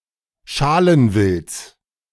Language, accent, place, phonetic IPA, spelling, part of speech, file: German, Germany, Berlin, [ˈʃalənˌvɪlt͡s], Schalenwilds, noun, De-Schalenwilds.ogg
- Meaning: genitive singular of Schalenwild